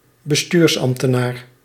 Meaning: civil administrator
- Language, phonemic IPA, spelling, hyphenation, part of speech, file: Dutch, /bəˈstyːrsˌɑm(p).tə.naːr/, bestuursambtenaar, be‧stuurs‧amb‧te‧naar, noun, Nl-bestuursambtenaar.ogg